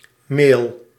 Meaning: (noun) alternative form of e-mail; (verb) inflection of mailen: 1. first-person singular present indicative 2. second-person singular present indicative 3. imperative
- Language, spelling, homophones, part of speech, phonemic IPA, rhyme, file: Dutch, mail, meel, noun / verb, /meːl/, -eːl, Nl-mail.ogg